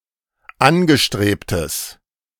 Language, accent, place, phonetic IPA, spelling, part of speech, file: German, Germany, Berlin, [ˈanɡəˌʃtʁeːptəs], angestrebtes, adjective, De-angestrebtes.ogg
- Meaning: strong/mixed nominative/accusative neuter singular of angestrebt